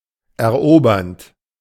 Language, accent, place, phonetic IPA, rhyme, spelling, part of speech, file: German, Germany, Berlin, [ɛɐ̯ˈʔoːbɐnt], -oːbɐnt, erobernd, verb, De-erobernd.ogg
- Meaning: present participle of erobern